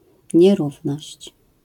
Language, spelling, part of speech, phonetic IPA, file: Polish, nierówność, noun, [ɲɛˈruvnɔɕt͡ɕ], LL-Q809 (pol)-nierówność.wav